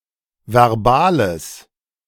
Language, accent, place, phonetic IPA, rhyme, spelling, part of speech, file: German, Germany, Berlin, [vɛʁˈbaːləs], -aːləs, verbales, adjective, De-verbales.ogg
- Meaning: strong/mixed nominative/accusative neuter singular of verbal